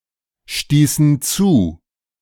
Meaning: inflection of zustoßen: 1. first/third-person plural preterite 2. first/third-person plural subjunctive II
- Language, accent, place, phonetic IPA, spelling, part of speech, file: German, Germany, Berlin, [ˌʃtiːsn̩ ˈt͡suː], stießen zu, verb, De-stießen zu.ogg